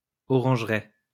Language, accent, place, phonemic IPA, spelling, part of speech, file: French, France, Lyon, /ɔ.ʁɑ̃ʒ.ʁɛ/, orangeraie, noun, LL-Q150 (fra)-orangeraie.wav
- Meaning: orange tree orchard, orangery (garden or plantation where orange trees are grown)